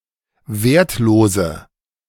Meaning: inflection of wertlos: 1. strong/mixed nominative/accusative feminine singular 2. strong nominative/accusative plural 3. weak nominative all-gender singular 4. weak accusative feminine/neuter singular
- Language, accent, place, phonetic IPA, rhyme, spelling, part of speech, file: German, Germany, Berlin, [ˈveːɐ̯tˌloːzə], -eːɐ̯tloːzə, wertlose, adjective, De-wertlose.ogg